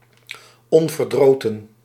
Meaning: 1. enthusiastic, eager, upbeat 2. assiduous, sedulous
- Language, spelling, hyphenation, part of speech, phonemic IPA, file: Dutch, onverdroten, on‧ver‧dro‧ten, adjective, /ˌɔn.vərˈdroː.tə(n)/, Nl-onverdroten.ogg